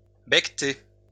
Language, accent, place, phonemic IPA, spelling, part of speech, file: French, France, Lyon, /bɛk.te/, becter, verb, LL-Q150 (fra)-becter.wav
- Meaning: to eat